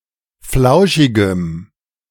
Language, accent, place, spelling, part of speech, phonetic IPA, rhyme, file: German, Germany, Berlin, flauschigem, adjective, [ˈflaʊ̯ʃɪɡəm], -aʊ̯ʃɪɡəm, De-flauschigem.ogg
- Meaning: strong dative masculine/neuter singular of flauschig